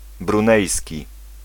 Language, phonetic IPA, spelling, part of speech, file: Polish, [brũˈnɛjsʲci], brunejski, adjective, Pl-brunejski.ogg